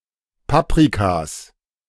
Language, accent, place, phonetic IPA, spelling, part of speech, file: German, Germany, Berlin, [ˈpapʁikas], Paprikas, noun, De-Paprikas.ogg
- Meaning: plural of Paprika